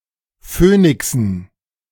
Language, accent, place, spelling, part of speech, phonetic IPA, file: German, Germany, Berlin, Phönixen, noun, [ˈføːnɪksn̩], De-Phönixen.ogg
- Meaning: dative plural of Phönix